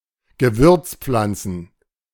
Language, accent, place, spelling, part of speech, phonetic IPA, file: German, Germany, Berlin, Gewürzpflanzen, noun, [ɡəˈvʏʁt͡sˌp͡flant͡sn̩], De-Gewürzpflanzen.ogg
- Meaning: plural of Gewürzpflanze